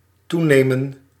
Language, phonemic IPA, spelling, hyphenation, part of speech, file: Dutch, /ˈtu.neː.mə(n)/, toenemen, toe‧ne‧men, verb, Nl-toenemen.ogg
- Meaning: to increase